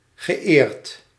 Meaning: past participle of eren
- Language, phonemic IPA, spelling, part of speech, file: Dutch, /ɣəˈeːrt/, geëerd, verb, Nl-geëerd.ogg